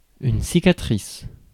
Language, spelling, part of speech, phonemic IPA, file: French, cicatrice, noun, /si.ka.tʁis/, Fr-cicatrice.ogg
- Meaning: scar